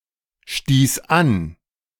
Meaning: first/third-person singular preterite of anstoßen
- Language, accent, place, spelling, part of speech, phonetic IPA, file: German, Germany, Berlin, stieß an, verb, [ˌʃtiːs ˈan], De-stieß an.ogg